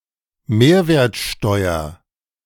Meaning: abbreviation of Mehrwertsteuer
- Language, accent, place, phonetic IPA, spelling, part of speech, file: German, Germany, Berlin, [ˈmeːɐ̯veːɐ̯tˌʃtɔɪ̯ɐ], MwSt., abbreviation, De-MwSt..ogg